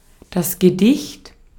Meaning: poem
- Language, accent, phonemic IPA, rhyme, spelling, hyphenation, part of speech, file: German, Austria, /ɡəˈdɪçt/, -ɪçt, Gedicht, Ge‧dicht, noun, De-at-Gedicht.ogg